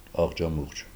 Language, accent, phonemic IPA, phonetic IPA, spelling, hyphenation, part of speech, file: Armenian, Eastern Armenian, /ɑʁd͡ʒɑˈmuʁd͡ʒ/, [ɑʁd͡ʒɑmúʁd͡ʒ], աղջամուղջ, աղ‧ջա‧մուղջ, noun, Hy-աղջամուղջ.ogg
- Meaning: 1. twilight 2. darkness; fog